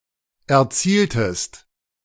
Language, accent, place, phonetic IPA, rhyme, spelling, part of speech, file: German, Germany, Berlin, [ɛɐ̯ˈt͡siːltəst], -iːltəst, erzieltest, verb, De-erzieltest.ogg
- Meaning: inflection of erzielen: 1. second-person singular preterite 2. second-person singular subjunctive II